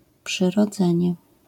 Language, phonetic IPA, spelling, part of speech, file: Polish, [ˌpʃɨrɔˈd͡zɛ̃ɲɛ], przyrodzenie, noun, LL-Q809 (pol)-przyrodzenie.wav